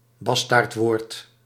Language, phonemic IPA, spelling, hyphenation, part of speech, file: Dutch, /ˈbɑs.taːrtˌʋoːrt/, bastaardwoord, bas‧taard‧woord, noun, Nl-bastaardwoord.ogg
- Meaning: loan, loanword